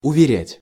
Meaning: 1. to assure 2. to make believe 3. to convince, to persuade
- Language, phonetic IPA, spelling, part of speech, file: Russian, [ʊvʲɪˈrʲætʲ], уверять, verb, Ru-уверять.ogg